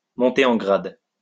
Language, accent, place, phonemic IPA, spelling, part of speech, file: French, France, Lyon, /mɔ̃.te ɑ̃ ɡʁad/, monter en grade, verb, LL-Q150 (fra)-monter en grade.wav
- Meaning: to get a promotion, to get promoted